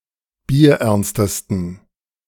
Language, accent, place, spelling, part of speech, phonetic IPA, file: German, Germany, Berlin, bierernstesten, adjective, [biːɐ̯ˈʔɛʁnstəstn̩], De-bierernstesten.ogg
- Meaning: 1. superlative degree of bierernst 2. inflection of bierernst: strong genitive masculine/neuter singular superlative degree